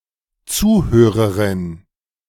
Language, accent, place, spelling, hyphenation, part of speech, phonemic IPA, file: German, Germany, Berlin, Zuhörerin, Zu‧hö‧re‧rin, noun, /ˈt͡suːˌhøːʁəʁɪn/, De-Zuhörerin.ogg
- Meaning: female equivalent of Zuhörer: listener